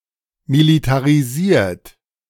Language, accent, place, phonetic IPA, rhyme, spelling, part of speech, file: German, Germany, Berlin, [militaʁiˈziːɐ̯t], -iːɐ̯t, militarisiert, verb, De-militarisiert.ogg
- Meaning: 1. past participle of militarisieren 2. inflection of militarisieren: third-person singular present 3. inflection of militarisieren: second-person plural present